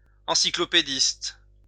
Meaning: encyclopedist
- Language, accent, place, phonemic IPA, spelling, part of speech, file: French, France, Lyon, /ɑ̃.si.klɔ.pe.dist/, encyclopédiste, noun, LL-Q150 (fra)-encyclopédiste.wav